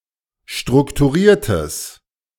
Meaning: strong/mixed nominative/accusative neuter singular of strukturiert
- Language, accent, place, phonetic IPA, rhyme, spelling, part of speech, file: German, Germany, Berlin, [ˌʃtʁʊktuˈʁiːɐ̯təs], -iːɐ̯təs, strukturiertes, adjective, De-strukturiertes.ogg